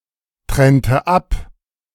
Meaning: inflection of abtrennen: 1. first/third-person singular preterite 2. first/third-person singular subjunctive II
- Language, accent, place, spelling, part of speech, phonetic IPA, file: German, Germany, Berlin, trennte ab, verb, [ˌtʁɛntə ˈap], De-trennte ab.ogg